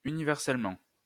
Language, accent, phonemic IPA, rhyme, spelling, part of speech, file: French, France, /y.ni.vɛʁ.sɛl.mɑ̃/, -ɑ̃, universellement, adverb, LL-Q150 (fra)-universellement.wav
- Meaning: universally